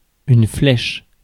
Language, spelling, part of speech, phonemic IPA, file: French, flèche, noun / verb, /flɛʃ/, Fr-flèche.ogg
- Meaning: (noun) 1. arrow (projectile or symbol) 2. spire 3. jib 4. pointer, needle 5. fleche 6. bright spark, quick study